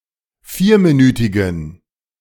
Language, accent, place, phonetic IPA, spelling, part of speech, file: German, Germany, Berlin, [ˈfiːɐ̯miˌnyːtɪɡn̩], vierminütigen, adjective, De-vierminütigen.ogg
- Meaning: inflection of vierminütig: 1. strong genitive masculine/neuter singular 2. weak/mixed genitive/dative all-gender singular 3. strong/weak/mixed accusative masculine singular 4. strong dative plural